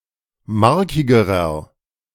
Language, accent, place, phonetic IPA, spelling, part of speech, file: German, Germany, Berlin, [ˈmaʁkɪɡəʁɐ], markigerer, adjective, De-markigerer.ogg
- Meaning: inflection of markig: 1. strong/mixed nominative masculine singular comparative degree 2. strong genitive/dative feminine singular comparative degree 3. strong genitive plural comparative degree